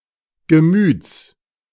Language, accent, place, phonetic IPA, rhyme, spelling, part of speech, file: German, Germany, Berlin, [ɡəˈmyːt͡s], -yːt͡s, Gemüts, noun, De-Gemüts.ogg
- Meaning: genitive singular of Gemüt